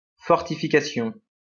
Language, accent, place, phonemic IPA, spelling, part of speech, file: French, France, Lyon, /fɔʁ.ti.fi.ka.sjɔ̃/, fortification, noun, LL-Q150 (fra)-fortification.wav
- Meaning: fortification